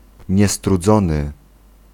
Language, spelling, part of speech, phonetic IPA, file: Polish, niestrudzony, adjective, [ˌɲɛstruˈd͡zɔ̃nɨ], Pl-niestrudzony.ogg